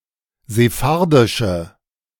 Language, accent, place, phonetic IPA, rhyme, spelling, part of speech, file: German, Germany, Berlin, [zeˈfaʁdɪʃə], -aʁdɪʃə, sephardische, adjective, De-sephardische.ogg
- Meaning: inflection of sephardisch: 1. strong/mixed nominative/accusative feminine singular 2. strong nominative/accusative plural 3. weak nominative all-gender singular